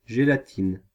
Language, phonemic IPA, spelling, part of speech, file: French, /ʒe.la.tin/, gélatine, noun, Fr-gélatine.ogg
- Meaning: gelatine